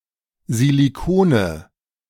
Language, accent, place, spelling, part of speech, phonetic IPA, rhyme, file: German, Germany, Berlin, Silikone, noun, [ziliˈkoːnə], -oːnə, De-Silikone.ogg
- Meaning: nominative/accusative/genitive plural of Silikon